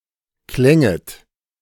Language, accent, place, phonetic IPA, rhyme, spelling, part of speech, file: German, Germany, Berlin, [ˈklɛŋət], -ɛŋət, klänget, verb, De-klänget.ogg
- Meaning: second-person plural subjunctive II of klingen